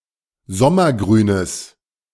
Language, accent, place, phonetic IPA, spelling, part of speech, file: German, Germany, Berlin, [ˈzɔmɐˌɡʁyːnəs], sommergrünes, adjective, De-sommergrünes.ogg
- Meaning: strong/mixed nominative/accusative neuter singular of sommergrün